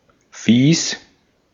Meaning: 1. disgusting, disagreeable 2. mean, uncomfortable, not nice 3. mean or otherwise dislikeable 4. disgusted
- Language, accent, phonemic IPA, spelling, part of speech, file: German, Austria, /fiːs/, fies, adjective, De-at-fies.ogg